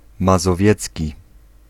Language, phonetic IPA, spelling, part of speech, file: Polish, [ˌmazɔˈvʲjɛt͡sʲci], mazowiecki, adjective, Pl-mazowiecki.ogg